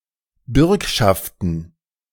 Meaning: plural of Bürgschaft
- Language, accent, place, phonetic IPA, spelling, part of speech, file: German, Germany, Berlin, [ˈbʏʁkʃaftn̩], Bürgschaften, noun, De-Bürgschaften.ogg